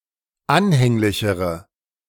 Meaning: inflection of anhänglich: 1. strong/mixed nominative/accusative feminine singular comparative degree 2. strong nominative/accusative plural comparative degree
- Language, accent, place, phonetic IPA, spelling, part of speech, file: German, Germany, Berlin, [ˈanhɛŋlɪçəʁə], anhänglichere, adjective, De-anhänglichere.ogg